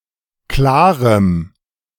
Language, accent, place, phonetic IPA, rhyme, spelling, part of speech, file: German, Germany, Berlin, [ˈklaːʁəm], -aːʁəm, klarem, adjective, De-klarem.ogg
- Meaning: strong dative masculine/neuter singular of klar